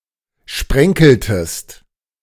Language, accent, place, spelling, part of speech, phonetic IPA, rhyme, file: German, Germany, Berlin, sprenkeltest, verb, [ˈʃpʁɛŋkl̩təst], -ɛŋkl̩təst, De-sprenkeltest.ogg
- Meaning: inflection of sprenkeln: 1. second-person singular preterite 2. second-person singular subjunctive II